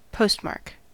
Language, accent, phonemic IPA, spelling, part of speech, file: English, US, /ˈpoʊstˌmɑɹk/, postmark, noun / verb, En-us-postmark.ogg